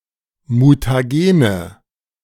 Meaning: nominative/accusative/genitive plural of Mutagen
- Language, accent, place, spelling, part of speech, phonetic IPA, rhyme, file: German, Germany, Berlin, Mutagene, noun, [mutaˈɡeːnə], -eːnə, De-Mutagene.ogg